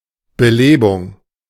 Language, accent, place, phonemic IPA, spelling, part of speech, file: German, Germany, Berlin, /bəˈleːbʊŋ/, Belebung, noun, De-Belebung.ogg
- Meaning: 1. increase 2. revival, resuscitation 3. encouragement, stimulation